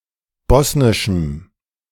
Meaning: strong dative masculine/neuter singular of bosnisch
- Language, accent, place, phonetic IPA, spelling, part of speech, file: German, Germany, Berlin, [ˈbɔsnɪʃm̩], bosnischem, adjective, De-bosnischem.ogg